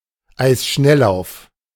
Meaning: speed skating
- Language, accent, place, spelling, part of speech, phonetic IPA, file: German, Germany, Berlin, Eisschnelllauf, noun, [ˈaɪ̯sˌʃnɛllaʊ̯f], De-Eisschnelllauf.ogg